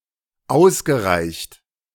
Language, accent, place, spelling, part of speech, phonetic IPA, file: German, Germany, Berlin, ausgereicht, verb, [ˈaʊ̯sɡəˌʁaɪ̯çt], De-ausgereicht.ogg
- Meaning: past participle of ausreichen